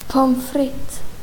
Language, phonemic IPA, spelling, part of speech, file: Swedish, /pɔmˈfrɪtː/, pommes frites, noun, Sv-pommes frites.ogg
- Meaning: 1. a French fry, (UK) a chip 2. a French fry, (UK) a chip: (US) French fries, (UK) chips